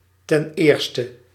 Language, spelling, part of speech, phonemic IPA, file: Dutch, ten eerste, adverb, /tɛnˈerstə/, Nl-ten eerste.ogg
- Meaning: firstly